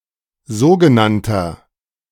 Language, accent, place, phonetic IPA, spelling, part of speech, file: German, Germany, Berlin, [ˈzoːɡəˌnantɐ], sogenannter, adjective, De-sogenannter.ogg
- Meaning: inflection of sogenannt: 1. strong/mixed nominative masculine singular 2. strong genitive/dative feminine singular 3. strong genitive plural